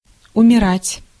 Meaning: 1. to die of natural causes 2. to disappear, to cease 3. to become inoperable, to stop working 4. to feel an emotion extremely strongly
- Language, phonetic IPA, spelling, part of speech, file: Russian, [ʊmʲɪˈratʲ], умирать, verb, Ru-умирать.ogg